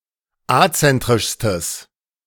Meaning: strong/mixed nominative/accusative neuter singular superlative degree of azentrisch
- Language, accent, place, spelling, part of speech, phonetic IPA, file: German, Germany, Berlin, azentrischstes, adjective, [ˈat͡sɛntʁɪʃstəs], De-azentrischstes.ogg